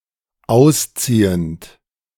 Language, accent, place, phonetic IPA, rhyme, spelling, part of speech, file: German, Germany, Berlin, [ˈaʊ̯sˌt͡siːənt], -aʊ̯st͡siːənt, ausziehend, verb, De-ausziehend.ogg
- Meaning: present participle of ausziehen